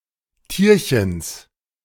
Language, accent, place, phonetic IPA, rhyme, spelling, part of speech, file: German, Germany, Berlin, [ˈtiːɐ̯çəns], -iːɐ̯çəns, Tierchens, noun, De-Tierchens.ogg
- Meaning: genitive of Tierchen